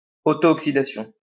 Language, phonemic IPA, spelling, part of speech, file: French, /ɔk.si.da.sjɔ̃/, oxydation, noun, LL-Q150 (fra)-oxydation.wav
- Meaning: oxidation